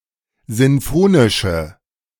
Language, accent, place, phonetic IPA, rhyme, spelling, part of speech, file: German, Germany, Berlin, [ˌzɪnˈfoːnɪʃə], -oːnɪʃə, sinfonische, adjective, De-sinfonische.ogg
- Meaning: inflection of sinfonisch: 1. strong/mixed nominative/accusative feminine singular 2. strong nominative/accusative plural 3. weak nominative all-gender singular